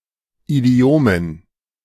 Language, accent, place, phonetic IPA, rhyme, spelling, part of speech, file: German, Germany, Berlin, [iˈdi̯oːmən], -oːmən, Idiomen, noun, De-Idiomen.ogg
- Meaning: dative plural of Idiom